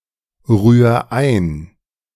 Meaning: 1. singular imperative of einrühren 2. first-person singular present of einrühren
- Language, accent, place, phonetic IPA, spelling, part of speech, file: German, Germany, Berlin, [ˌʁyːɐ̯ ˈaɪ̯n], rühr ein, verb, De-rühr ein.ogg